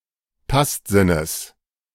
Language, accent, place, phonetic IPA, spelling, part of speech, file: German, Germany, Berlin, [ˈtastˌzɪnəs], Tastsinnes, noun, De-Tastsinnes.ogg
- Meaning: genitive singular of Tastsinn